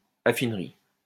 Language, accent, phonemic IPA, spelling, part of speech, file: French, France, /a.fin.ʁi/, affinerie, noun, LL-Q150 (fra)-affinerie.wav
- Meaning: refinery (especially a place where metal is purified)